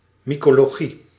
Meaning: mycology
- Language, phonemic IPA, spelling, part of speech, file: Dutch, /ˌmikoloˈɣi/, mycologie, noun, Nl-mycologie.ogg